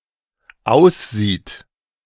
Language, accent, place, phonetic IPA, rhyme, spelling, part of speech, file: German, Germany, Berlin, [ˈaʊ̯sˌziːt], -aʊ̯sziːt, aussieht, verb, De-aussieht.ogg
- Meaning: third-person singular dependent present of aussehen